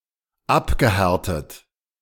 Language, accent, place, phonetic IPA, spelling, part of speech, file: German, Germany, Berlin, [ˈapɡəˌhɛʁtət], abgehärtet, verb, De-abgehärtet.ogg
- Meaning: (verb) past participle of abhärten; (adjective) hardened, hardy